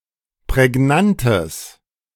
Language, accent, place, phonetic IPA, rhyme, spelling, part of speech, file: German, Germany, Berlin, [pʁɛˈɡnantəs], -antəs, prägnantes, adjective, De-prägnantes.ogg
- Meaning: strong/mixed nominative/accusative neuter singular of prägnant